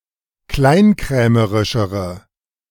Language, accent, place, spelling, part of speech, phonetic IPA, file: German, Germany, Berlin, kleinkrämerischere, adjective, [ˈklaɪ̯nˌkʁɛːməʁɪʃəʁə], De-kleinkrämerischere.ogg
- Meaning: inflection of kleinkrämerisch: 1. strong/mixed nominative/accusative feminine singular comparative degree 2. strong nominative/accusative plural comparative degree